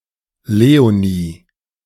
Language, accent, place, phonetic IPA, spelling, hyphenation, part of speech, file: German, Germany, Berlin, [ˈleːoniː], Leonie, Le‧o‧nie, proper noun, De-Leonie.ogg
- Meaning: a female given name from French Léonie